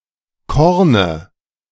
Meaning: dative singular of Korn
- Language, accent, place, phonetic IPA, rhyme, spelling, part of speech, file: German, Germany, Berlin, [ˈkɔʁnə], -ɔʁnə, Korne, noun, De-Korne.ogg